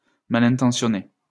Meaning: ill-intentioned
- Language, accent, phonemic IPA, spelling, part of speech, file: French, France, /ma.lɛ̃.tɑ̃.sjɔ.ne/, malintentionné, adjective, LL-Q150 (fra)-malintentionné.wav